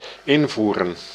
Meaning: 1. to introduce 2. to input, enter 3. to import
- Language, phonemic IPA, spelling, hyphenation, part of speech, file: Dutch, /ˈɪnˌvu.rə(n)/, invoeren, in‧voe‧ren, verb, Nl-invoeren.ogg